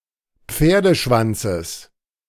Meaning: genitive singular of Pferdeschwanz
- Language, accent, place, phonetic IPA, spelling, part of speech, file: German, Germany, Berlin, [ˈp͡feːɐ̯dəˌʃvant͡səs], Pferdeschwanzes, noun, De-Pferdeschwanzes.ogg